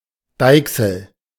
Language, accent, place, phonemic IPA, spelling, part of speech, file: German, Germany, Berlin, /ˈdaɪ̯ksəl/, Deichsel, noun, De-Deichsel.ogg
- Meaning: 1. carriage pole, pole, shaft, drawbar 2. pall 3. dated form of Dechsel (“adze”)